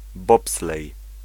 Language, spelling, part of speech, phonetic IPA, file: Polish, bobslej, noun, [ˈbɔpslɛj], Pl-bobslej.ogg